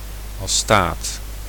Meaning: astatine
- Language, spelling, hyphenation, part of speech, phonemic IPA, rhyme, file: Dutch, astaat, astaat, noun, /ɑˈstaːt/, -aːt, Nl-astaat.ogg